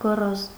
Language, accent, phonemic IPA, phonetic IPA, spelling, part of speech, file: Armenian, Eastern Armenian, /ɡoˈroz/, [ɡoróz], գոռոզ, adjective, Hy-գոռոզ.ogg
- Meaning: arrogant, haughty, overconfident, proud